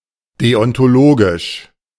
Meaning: deontological
- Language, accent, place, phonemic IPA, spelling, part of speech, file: German, Germany, Berlin, /ˌdeɔntoˈloːɡɪʃ/, deontologisch, adjective, De-deontologisch.ogg